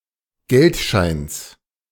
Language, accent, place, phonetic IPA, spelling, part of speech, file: German, Germany, Berlin, [ˈɡɛltˌʃaɪ̯ns], Geldscheins, noun, De-Geldscheins.ogg
- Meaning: genitive singular of Geldschein